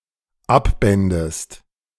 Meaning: second-person singular dependent subjunctive II of abbinden
- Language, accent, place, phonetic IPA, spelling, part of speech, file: German, Germany, Berlin, [ˈapˌbɛndəst], abbändest, verb, De-abbändest.ogg